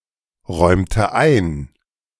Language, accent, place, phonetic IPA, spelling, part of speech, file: German, Germany, Berlin, [ˌʁɔɪ̯mtə ˈaɪ̯n], räumte ein, verb, De-räumte ein.ogg
- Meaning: inflection of einräumen: 1. first/third-person singular preterite 2. first/third-person singular subjunctive II